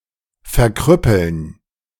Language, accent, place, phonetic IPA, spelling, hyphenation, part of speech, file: German, Germany, Berlin, [fɛɐ̯ˈkʁʏpl̩n], verkrüppeln, ver‧krüp‧peln, verb, De-verkrüppeln.ogg
- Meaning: 1. to cripple 2. to become crippled